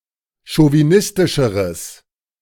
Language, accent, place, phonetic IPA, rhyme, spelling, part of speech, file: German, Germany, Berlin, [ʃoviˈnɪstɪʃəʁəs], -ɪstɪʃəʁəs, chauvinistischeres, adjective, De-chauvinistischeres.ogg
- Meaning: strong/mixed nominative/accusative neuter singular comparative degree of chauvinistisch